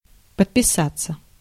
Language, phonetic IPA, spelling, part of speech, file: Russian, [pətpʲɪˈsat͡sːə], подписаться, verb, Ru-подписаться.ogg
- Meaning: 1. to sign, to put one's name on 2. to subscribe, to take out a subscription 3. to follow on social media 4. passive of подписа́ть (podpisátʹ)